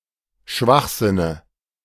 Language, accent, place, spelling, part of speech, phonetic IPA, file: German, Germany, Berlin, Schwachsinne, noun, [ˈʃvaxˌzɪnə], De-Schwachsinne.ogg
- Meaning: dative of Schwachsinn